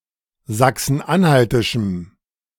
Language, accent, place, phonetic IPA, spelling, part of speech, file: German, Germany, Berlin, [ˌzaksn̩ˈʔanhaltɪʃm̩], sachsen-anhaltischem, adjective, De-sachsen-anhaltischem.ogg
- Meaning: strong dative masculine/neuter singular of sachsen-anhaltisch